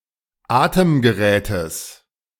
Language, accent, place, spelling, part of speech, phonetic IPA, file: German, Germany, Berlin, Atemgerätes, noun, [ˈaːtəmɡəˌʁɛːtəs], De-Atemgerätes.ogg
- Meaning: genitive singular of Atemgerät